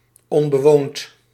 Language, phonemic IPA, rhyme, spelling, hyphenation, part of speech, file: Dutch, /ˌɔn.bəˈʋoːnt/, -oːnt, onbewoond, on‧be‧woond, adjective, Nl-onbewoond.ogg
- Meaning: uninhabited